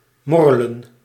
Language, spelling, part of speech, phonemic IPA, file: Dutch, morrelen, verb, /ˈmɔ.rə.lə(n)/, Nl-morrelen.ogg
- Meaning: to fiddle